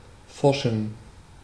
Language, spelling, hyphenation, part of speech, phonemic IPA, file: German, forschen, for‧schen, verb / adjective, /ˈfɔʁʃən/, De-forschen.ogg
- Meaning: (verb) to research; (adjective) inflection of forsch: 1. strong genitive masculine/neuter singular 2. weak/mixed genitive/dative all-gender singular 3. strong/weak/mixed accusative masculine singular